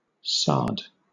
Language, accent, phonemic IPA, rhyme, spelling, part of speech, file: English, Southern England, /sɑː(ɹ)d/, -ɑː(ɹ)d, sard, noun / verb, LL-Q1860 (eng)-sard.wav
- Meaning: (noun) A variety of carnelian, of a rich reddish yellow or brownish red color